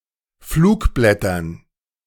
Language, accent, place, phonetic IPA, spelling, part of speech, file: German, Germany, Berlin, [ˈfluːkˌblɛtɐn], Flugblättern, noun, De-Flugblättern.ogg
- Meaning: dative plural of Flugblatt